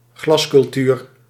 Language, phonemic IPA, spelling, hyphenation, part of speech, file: Dutch, /ˈɣlɑs.kʏlˌtyːr/, glascultuur, glas‧cul‧tuur, noun, Nl-glascultuur.ogg
- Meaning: greenhouse agriculture